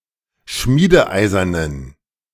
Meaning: inflection of schmiedeeisern: 1. strong genitive masculine/neuter singular 2. weak/mixed genitive/dative all-gender singular 3. strong/weak/mixed accusative masculine singular 4. strong dative plural
- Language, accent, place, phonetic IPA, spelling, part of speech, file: German, Germany, Berlin, [ˈʃmiːdəˌʔaɪ̯zɐnən], schmiedeeisernen, adjective, De-schmiedeeisernen.ogg